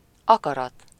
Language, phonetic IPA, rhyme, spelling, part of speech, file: Hungarian, [ˈɒkɒrɒt], -ɒt, akarat, noun, Hu-akarat.ogg
- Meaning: will (volition)